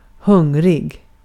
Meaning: hungry
- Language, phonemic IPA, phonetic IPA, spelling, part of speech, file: Swedish, /ˈhɵŋˌrɪ(ɡ)/, [ˈhɵᵝŋː˧˩ˌri(ɡ˖)˥˩], hungrig, adjective, Sv-hungrig.ogg